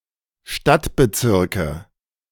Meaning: nominative/accusative/genitive plural of Stadtbezirk
- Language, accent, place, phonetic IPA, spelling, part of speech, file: German, Germany, Berlin, [ˈʃtatbəˌt͡sɪʁkə], Stadtbezirke, noun, De-Stadtbezirke.ogg